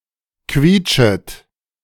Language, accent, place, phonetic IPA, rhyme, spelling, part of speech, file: German, Germany, Berlin, [ˈkviːt͡ʃət], -iːt͡ʃət, quietschet, verb, De-quietschet.ogg
- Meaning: second-person plural subjunctive I of quietschen